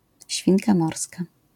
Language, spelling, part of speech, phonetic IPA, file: Polish, świnka morska, noun, [ˈɕfʲĩnka ˈmɔrska], LL-Q809 (pol)-świnka morska.wav